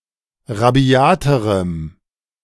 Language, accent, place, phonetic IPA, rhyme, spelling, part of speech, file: German, Germany, Berlin, [ʁaˈbi̯aːtəʁəm], -aːtəʁəm, rabiaterem, adjective, De-rabiaterem.ogg
- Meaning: strong dative masculine/neuter singular comparative degree of rabiat